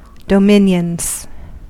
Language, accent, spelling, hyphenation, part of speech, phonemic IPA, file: English, US, dominions, do‧min‧ions, noun, /dəˈmɪnjənz/, En-us-dominions.ogg
- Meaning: plural of dominion